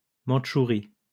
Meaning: Manchuria (a region of northeastern China comprising the three provinces of Liaoning, Jilin, and Heilongjiang and the northeastern part of Inner Mongolia)
- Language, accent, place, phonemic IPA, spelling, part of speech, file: French, France, Lyon, /mɑ̃d.ʃu.ʁi/, Mandchourie, proper noun, LL-Q150 (fra)-Mandchourie.wav